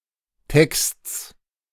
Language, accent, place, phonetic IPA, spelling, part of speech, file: German, Germany, Berlin, [tɛkst͡s], Texts, noun, De-Texts.ogg
- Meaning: genitive singular of Text